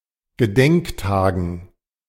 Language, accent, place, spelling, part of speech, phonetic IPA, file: German, Germany, Berlin, Gedenktagen, noun, [ɡəˈdɛŋkˌtaːɡn̩], De-Gedenktagen.ogg
- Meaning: dative plural of Gedenktag